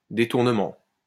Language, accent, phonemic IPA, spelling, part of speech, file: French, France, /de.tuʁ.nə.mɑ̃/, détournement, noun, LL-Q150 (fra)-détournement.wav
- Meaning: 1. rerouting, diversion 2. detournement 3. embezzlement, misappropriation (of funds) 4. reinterpretation, reimagining, repurposing, repackaging 5. hijacking